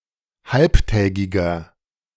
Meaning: inflection of halbtägig: 1. strong/mixed nominative masculine singular 2. strong genitive/dative feminine singular 3. strong genitive plural
- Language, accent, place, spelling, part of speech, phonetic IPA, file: German, Germany, Berlin, halbtägiger, adjective, [ˈhalptɛːɡɪɡɐ], De-halbtägiger.ogg